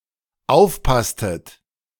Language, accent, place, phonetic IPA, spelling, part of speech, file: German, Germany, Berlin, [ˈaʊ̯fˌpastət], aufpasstet, verb, De-aufpasstet.ogg
- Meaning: inflection of aufpassen: 1. second-person plural dependent preterite 2. second-person plural dependent subjunctive II